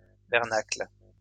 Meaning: synonym of bernache
- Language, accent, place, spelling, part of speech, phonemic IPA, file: French, France, Lyon, bernacle, noun, /bɛʁ.nakl/, LL-Q150 (fra)-bernacle.wav